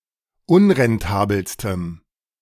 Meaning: strong dative masculine/neuter singular superlative degree of unrentabel
- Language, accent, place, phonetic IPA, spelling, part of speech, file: German, Germany, Berlin, [ˈʊnʁɛnˌtaːbl̩stəm], unrentabelstem, adjective, De-unrentabelstem.ogg